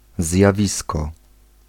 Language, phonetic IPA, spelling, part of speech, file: Polish, [zʲjaˈvʲiskɔ], zjawisko, noun, Pl-zjawisko.ogg